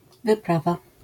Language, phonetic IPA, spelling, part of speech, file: Polish, [vɨˈprava], wyprawa, noun, LL-Q809 (pol)-wyprawa.wav